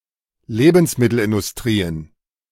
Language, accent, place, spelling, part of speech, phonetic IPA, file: German, Germany, Berlin, Lebensmittelindustrien, noun, [ˈleːbn̩smɪtl̩ʔɪndʊsˌtʁiːən], De-Lebensmittelindustrien.ogg
- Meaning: plural of Lebensmittelindustrie